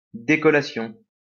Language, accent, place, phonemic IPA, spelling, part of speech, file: French, France, Lyon, /de.kɔ.la.sjɔ̃/, décollation, noun, LL-Q150 (fra)-décollation.wav
- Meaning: beheading